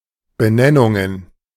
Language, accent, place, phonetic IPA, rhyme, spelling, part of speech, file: German, Germany, Berlin, [bəˈnɛnʊŋən], -ɛnʊŋən, Benennungen, noun, De-Benennungen.ogg
- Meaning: plural of Benennung